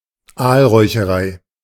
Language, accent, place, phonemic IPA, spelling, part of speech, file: German, Germany, Berlin, /ˈaːlʁɔɪ̯çəˌʁaɪ̯/, Aalräucherei, noun, De-Aalräucherei.ogg
- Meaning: eel smokehouse, eel smokery